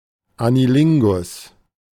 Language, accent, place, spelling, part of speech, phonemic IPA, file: German, Germany, Berlin, Anilingus, noun, /aniˈlɪŋɡʊs/, De-Anilingus.ogg
- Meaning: anilingus